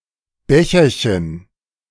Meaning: diminutive of Becher
- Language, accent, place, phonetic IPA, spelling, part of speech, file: German, Germany, Berlin, [ˈbɛçɐçən], Becherchen, noun, De-Becherchen.ogg